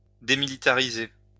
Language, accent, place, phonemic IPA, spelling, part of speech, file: French, France, Lyon, /de.mi.li.ta.ʁi.ze/, démilitariser, verb, LL-Q150 (fra)-démilitariser.wav
- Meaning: to demilitarize